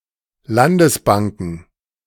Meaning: plural of Landesbank
- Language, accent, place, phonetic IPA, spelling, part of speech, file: German, Germany, Berlin, [ˈlandəsˌbaŋkn̩], Landesbanken, noun, De-Landesbanken.ogg